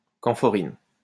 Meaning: camphorin
- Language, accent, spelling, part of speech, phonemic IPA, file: French, France, camphorine, noun, /kɑ̃.fɔ.ʁin/, LL-Q150 (fra)-camphorine.wav